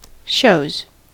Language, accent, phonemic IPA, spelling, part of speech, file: English, US, /ʃoʊz/, shows, noun / verb, En-us-shows.ogg
- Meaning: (noun) plural of show; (verb) third-person singular simple present indicative of show